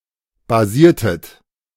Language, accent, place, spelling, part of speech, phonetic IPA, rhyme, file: German, Germany, Berlin, basiertet, verb, [baˈziːɐ̯tət], -iːɐ̯tət, De-basiertet.ogg
- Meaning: inflection of basieren: 1. second-person plural preterite 2. second-person plural subjunctive II